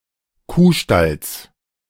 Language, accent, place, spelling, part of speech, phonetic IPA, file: German, Germany, Berlin, Kuhstalls, noun, [ˈkuːˌʃtals], De-Kuhstalls.ogg
- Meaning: genitive singular of Kuhstall